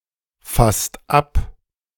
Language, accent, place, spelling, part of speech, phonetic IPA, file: German, Germany, Berlin, fasst ab, verb, [ˌfast ˈap], De-fasst ab.ogg
- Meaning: inflection of abfassen: 1. second-person singular/plural present 2. third-person singular present 3. plural imperative